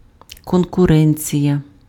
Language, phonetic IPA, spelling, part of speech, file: Ukrainian, [kɔnkʊˈrɛnʲt͡sʲijɐ], конкуренція, noun, Uk-конкуренція.ogg
- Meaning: 1. competition (action of competing) 2. rivalry